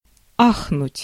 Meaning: to exclaim, to gasp, to sigh
- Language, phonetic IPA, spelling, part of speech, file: Russian, [ˈaxnʊtʲ], ахнуть, verb, Ru-ахнуть.ogg